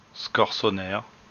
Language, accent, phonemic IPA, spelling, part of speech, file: French, France, /skɔʁ.sɔ.nɛʁ/, scorsonère, noun, LL-Q150 (fra)-scorsonère.wav
- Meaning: black salsify